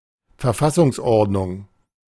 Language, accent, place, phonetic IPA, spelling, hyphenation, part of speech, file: German, Germany, Berlin, [fɛɐ̯ˈfasʊŋsˌʔɔʁdnʊŋ], Verfassungsordnung, Ver‧fas‧sungs‧ord‧nung, noun, De-Verfassungsordnung.ogg
- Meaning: constitutional order (legal system defined by the constitution)